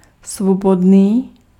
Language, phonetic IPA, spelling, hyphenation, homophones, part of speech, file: Czech, [ˈsvobodniː], svobodný, svo‧bod‧ný, Svobodný, adjective, Cs-svobodný.ogg
- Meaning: 1. free (not imprisoned or enslaved) 2. single (not married) 3. free, libre (with very few limitations on distribution or improvement)